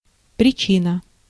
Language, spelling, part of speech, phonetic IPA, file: Russian, причина, noun, [prʲɪˈt͡ɕinə], Ru-причина.ogg
- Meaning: 1. cause (source or reason of an event or action) 2. reason